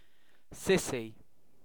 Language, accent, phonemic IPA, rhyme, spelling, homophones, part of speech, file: English, UK, /ˈsɪsi/, -ɪsi, sissy, cissy, noun / adjective / verb, En-uk-sissy.ogg
- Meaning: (noun) 1. An effeminate boy or man 2. A timid, unassertive or cowardly person 3. A male crossdresser who adopts feminine behaviours 4. Sister; often used as a term of address; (adjective) Effeminate